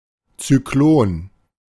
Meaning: cyclone
- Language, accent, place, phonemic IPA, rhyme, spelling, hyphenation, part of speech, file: German, Germany, Berlin, /t͡syˈkloːn/, -oːn, Zyklon, Zy‧k‧lon, noun, De-Zyklon.ogg